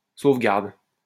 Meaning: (noun) 1. protection, safeguard (protection granted by any authority) 2. certificate, protection (of the writing by which this protection is granted)
- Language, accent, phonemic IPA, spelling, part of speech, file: French, France, /sov.ɡaʁd/, sauvegarde, noun / verb, LL-Q150 (fra)-sauvegarde.wav